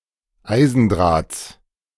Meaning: genitive singular of Eisendraht
- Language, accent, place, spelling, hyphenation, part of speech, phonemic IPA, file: German, Germany, Berlin, Eisendrahts, Ei‧sen‧drahts, noun, /ˈaɪ̯zn̩ˌdʁaːt͡s/, De-Eisendrahts.ogg